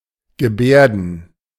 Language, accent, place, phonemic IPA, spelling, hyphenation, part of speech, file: German, Germany, Berlin, /ɡəˈbɛ(ː)rdən/, gebärden, ge‧bär‧den, verb, De-gebärden.ogg
- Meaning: 1. to have (some) demeanour, to behave outwardly; possibly implying that such behaviour is insincere, but any rate that it is public 2. to sign; to communicate using sign language